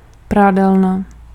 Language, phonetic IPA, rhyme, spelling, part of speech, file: Czech, [ˈpraːdɛlna], -ɛlna, prádelna, noun, Cs-prádelna.ogg
- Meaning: laundry (place)